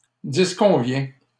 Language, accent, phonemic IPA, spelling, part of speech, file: French, Canada, /dis.kɔ̃.vjɛ̃/, disconvient, verb, LL-Q150 (fra)-disconvient.wav
- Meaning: third-person singular present indicative of disconvenir